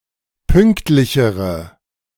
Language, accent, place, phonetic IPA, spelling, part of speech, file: German, Germany, Berlin, [ˈpʏŋktlɪçəʁə], pünktlichere, adjective, De-pünktlichere.ogg
- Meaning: inflection of pünktlich: 1. strong/mixed nominative/accusative feminine singular comparative degree 2. strong nominative/accusative plural comparative degree